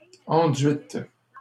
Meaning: feminine plural of enduit
- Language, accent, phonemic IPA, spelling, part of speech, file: French, Canada, /ɑ̃.dɥit/, enduites, adjective, LL-Q150 (fra)-enduites.wav